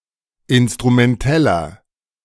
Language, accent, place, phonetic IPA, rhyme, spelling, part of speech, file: German, Germany, Berlin, [ˌɪnstʁumɛnˈtɛlɐ], -ɛlɐ, instrumenteller, adjective, De-instrumenteller.ogg
- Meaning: inflection of instrumentell: 1. strong/mixed nominative masculine singular 2. strong genitive/dative feminine singular 3. strong genitive plural